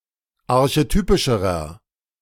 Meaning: inflection of archetypisch: 1. strong/mixed nominative masculine singular comparative degree 2. strong genitive/dative feminine singular comparative degree 3. strong genitive plural comparative degree
- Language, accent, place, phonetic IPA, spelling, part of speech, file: German, Germany, Berlin, [aʁçeˈtyːpɪʃəʁɐ], archetypischerer, adjective, De-archetypischerer.ogg